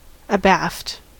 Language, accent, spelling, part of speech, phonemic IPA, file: English, US, abaft, preposition / adverb, /əˈbæft/, En-us-abaft.ogg
- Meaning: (preposition) Behind; toward the stern relative to some other object or position; aft of; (adverb) 1. On the aft side; in the stern 2. Backwards